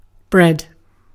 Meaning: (noun) A foodstuff made by baking dough made from cereals
- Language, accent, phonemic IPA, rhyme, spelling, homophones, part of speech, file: English, Received Pronunciation, /bɹɛd/, -ɛd, bread, bred, noun / verb, En-uk-bread.ogg